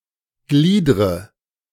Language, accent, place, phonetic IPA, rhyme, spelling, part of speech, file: German, Germany, Berlin, [ˈɡliːdʁə], -iːdʁə, gliedre, verb, De-gliedre.ogg
- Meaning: inflection of gliedern: 1. first-person singular present 2. first/third-person singular subjunctive I 3. singular imperative